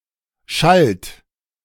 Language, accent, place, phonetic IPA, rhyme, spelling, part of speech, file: German, Germany, Berlin, [ʃalt], -alt, schallt, verb, De-schallt.ogg
- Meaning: inflection of schallen: 1. third-person singular present 2. second-person plural present 3. plural imperative